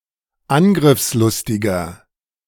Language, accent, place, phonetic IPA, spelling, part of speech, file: German, Germany, Berlin, [ˈanɡʁɪfsˌlʊstɪɡɐ], angriffslustiger, adjective, De-angriffslustiger.ogg
- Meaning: 1. comparative degree of angriffslustig 2. inflection of angriffslustig: strong/mixed nominative masculine singular 3. inflection of angriffslustig: strong genitive/dative feminine singular